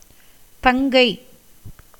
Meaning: younger sister
- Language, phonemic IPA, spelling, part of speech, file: Tamil, /t̪ɐŋɡɐɪ̯/, தங்கை, noun, Ta-தங்கை.ogg